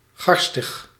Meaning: rancid, smelly
- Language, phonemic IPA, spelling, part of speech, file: Dutch, /ˈɣɑrstəx/, garstig, adjective, Nl-garstig.ogg